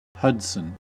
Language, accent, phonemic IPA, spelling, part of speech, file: English, US, /ˈhʌd.sən/, Hudson, proper noun / noun, En-us-Hudson.ogg
- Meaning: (proper noun) 1. An English surname originating as a patronymic 2. A male given name transferred from the surname